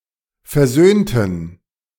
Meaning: inflection of versöhnen: 1. first/third-person plural preterite 2. first/third-person plural subjunctive II
- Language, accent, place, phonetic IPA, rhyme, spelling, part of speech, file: German, Germany, Berlin, [fɛɐ̯ˈzøːntn̩], -øːntn̩, versöhnten, adjective / verb, De-versöhnten.ogg